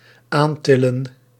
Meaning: to lift and bring closer
- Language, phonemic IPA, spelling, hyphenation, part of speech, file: Dutch, /ˈaːnˌtɪ.lə(n)/, aantillen, aan‧til‧len, verb, Nl-aantillen.ogg